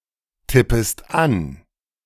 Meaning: second-person singular subjunctive I of antippen
- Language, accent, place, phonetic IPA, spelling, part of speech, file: German, Germany, Berlin, [ˌtɪpəst ˈan], tippest an, verb, De-tippest an.ogg